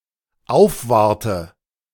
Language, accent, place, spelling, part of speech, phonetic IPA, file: German, Germany, Berlin, aufwarte, verb, [ˈaʊ̯fˌvaʁtə], De-aufwarte.ogg
- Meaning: inflection of aufwarten: 1. first-person singular dependent present 2. first/third-person singular dependent subjunctive I